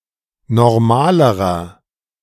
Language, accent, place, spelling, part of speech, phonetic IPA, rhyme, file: German, Germany, Berlin, normalerer, adjective, [nɔʁˈmaːləʁɐ], -aːləʁɐ, De-normalerer.ogg
- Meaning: inflection of normal: 1. strong/mixed nominative masculine singular comparative degree 2. strong genitive/dative feminine singular comparative degree 3. strong genitive plural comparative degree